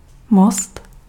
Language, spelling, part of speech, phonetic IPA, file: Czech, most, noun, [ˈmost], Cs-most.ogg
- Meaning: bridge